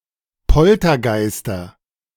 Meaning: nominative/accusative/genitive plural of Poltergeist
- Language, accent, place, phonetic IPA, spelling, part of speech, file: German, Germany, Berlin, [ˈpɔltɐˌɡaɪ̯stɐ], Poltergeister, noun, De-Poltergeister.ogg